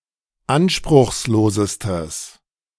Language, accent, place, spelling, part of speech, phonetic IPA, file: German, Germany, Berlin, anspruchslosestes, adjective, [ˈanʃpʁʊxsˌloːzəstəs], De-anspruchslosestes.ogg
- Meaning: strong/mixed nominative/accusative neuter singular superlative degree of anspruchslos